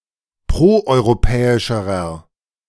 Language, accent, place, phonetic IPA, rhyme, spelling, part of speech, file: German, Germany, Berlin, [ˌpʁoʔɔɪ̯ʁoˈpɛːɪʃəʁɐ], -ɛːɪʃəʁɐ, proeuropäischerer, adjective, De-proeuropäischerer.ogg
- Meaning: inflection of proeuropäisch: 1. strong/mixed nominative masculine singular comparative degree 2. strong genitive/dative feminine singular comparative degree